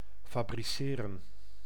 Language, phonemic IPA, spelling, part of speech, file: Dutch, /faː.briˈseː.rə(n)/, fabriceren, verb, Nl-fabriceren.ogg
- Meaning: to manufacture